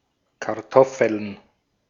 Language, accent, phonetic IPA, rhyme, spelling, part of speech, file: German, Austria, [kaʁˈtɔfl̩n], -ɔfl̩n, Kartoffeln, noun, De-at-Kartoffeln.ogg
- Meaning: plural of Kartoffel